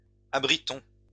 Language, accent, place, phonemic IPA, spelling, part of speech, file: French, France, Lyon, /a.bʁi.tɔ̃/, abritons, verb, LL-Q150 (fra)-abritons.wav
- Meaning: inflection of abriter: 1. first-person plural present indicative 2. first-person plural imperative